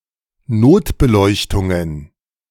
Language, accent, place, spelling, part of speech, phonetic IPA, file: German, Germany, Berlin, Notbeleuchtungen, noun, [ˈnoːtbəˌlɔɪ̯çtʊŋən], De-Notbeleuchtungen.ogg
- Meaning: plural of Notbeleuchtung